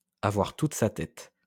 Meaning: to have one's wits about one, to have all one's marbles, to be all there
- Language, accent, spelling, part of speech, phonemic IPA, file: French, France, avoir toute sa tête, verb, /a.vwaʁ tut sa tɛt/, LL-Q150 (fra)-avoir toute sa tête.wav